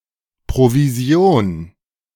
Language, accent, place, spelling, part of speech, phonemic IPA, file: German, Germany, Berlin, Provision, noun, /proviˈzi̯oːn/, De-Provision.ogg
- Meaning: commission (remuneration)